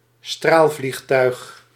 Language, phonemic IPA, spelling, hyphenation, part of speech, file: Dutch, /ˈstraːl.vlixˌtœy̯x/, straalvliegtuig, straal‧vlieg‧tuig, noun, Nl-straalvliegtuig.ogg
- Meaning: a jet plane, a jet aeroplane